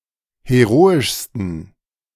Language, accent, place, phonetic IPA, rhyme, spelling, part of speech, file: German, Germany, Berlin, [heˈʁoːɪʃstn̩], -oːɪʃstn̩, heroischsten, adjective, De-heroischsten.ogg
- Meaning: 1. superlative degree of heroisch 2. inflection of heroisch: strong genitive masculine/neuter singular superlative degree